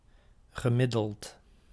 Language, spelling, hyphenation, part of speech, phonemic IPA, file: Dutch, gemiddeld, ge‧mid‧deld, verb / adjective, /ɣəˈmɪ.dəlt/, Nl-gemiddeld.ogg
- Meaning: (verb) past participle of middelen; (adjective) average